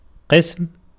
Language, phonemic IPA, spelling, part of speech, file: Arabic, /qism/, قسم, noun, Ar-قسم.ogg
- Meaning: 1. division, sort, part 2. department 3. definiteness